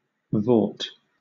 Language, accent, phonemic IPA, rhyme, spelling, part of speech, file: English, Southern England, /vɔːt/, -ɔːt, vaut, noun / verb, LL-Q1860 (eng)-vaut.wav
- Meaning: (noun) A vault; a leap; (verb) To vault; to leap